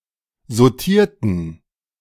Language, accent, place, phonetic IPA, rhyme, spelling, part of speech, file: German, Germany, Berlin, [zoˈtiːɐ̯tn̩], -iːɐ̯tn̩, sautierten, adjective / verb, De-sautierten.ogg
- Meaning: inflection of sautieren: 1. first/third-person plural preterite 2. first/third-person plural subjunctive II